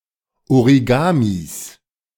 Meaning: genitive of Origami
- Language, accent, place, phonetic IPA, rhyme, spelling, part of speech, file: German, Germany, Berlin, [oʁiˈɡaːmis], -aːmis, Origamis, noun, De-Origamis.ogg